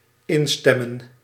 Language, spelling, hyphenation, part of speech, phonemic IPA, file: Dutch, instemmen, in‧stem‧men, verb, /ˈɪnˌstɛ.mə(n)/, Nl-instemmen.ogg
- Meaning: to agree